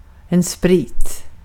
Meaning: 1. liquor, spirits; booze 2. alcohol in general, chiefly as a solvent
- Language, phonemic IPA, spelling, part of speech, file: Swedish, /spriːt/, sprit, noun, Sv-sprit.ogg